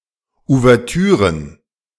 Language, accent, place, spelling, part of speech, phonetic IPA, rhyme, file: German, Germany, Berlin, Ouvertüren, noun, [uvɛʁˈtyːʁən], -yːʁən, De-Ouvertüren.ogg
- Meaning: plural of Ouvertüre